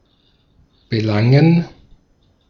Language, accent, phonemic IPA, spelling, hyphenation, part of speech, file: German, Austria, /b̥eˈlaŋɛn/, belangen, be‧lan‧gen, verb, De-at-belangen.ogg
- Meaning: 1. to concern, to touch a matter 2. to prosecute, to take recourse to